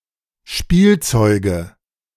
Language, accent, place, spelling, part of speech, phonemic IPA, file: German, Germany, Berlin, Spielzeuge, noun, /ˈʃpiːlˌtsɔʏɡə/, De-Spielzeuge.ogg
- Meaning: nominative/accusative/genitive plural of Spielzeug